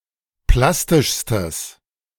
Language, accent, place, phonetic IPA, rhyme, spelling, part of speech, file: German, Germany, Berlin, [ˈplastɪʃstəs], -astɪʃstəs, plastischstes, adjective, De-plastischstes.ogg
- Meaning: strong/mixed nominative/accusative neuter singular superlative degree of plastisch